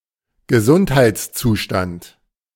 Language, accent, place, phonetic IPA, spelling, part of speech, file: German, Germany, Berlin, [ɡəˈzʊnthaɪ̯t͡sˌt͡suːʃtant], Gesundheitszustand, noun, De-Gesundheitszustand.ogg
- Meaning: health; state of health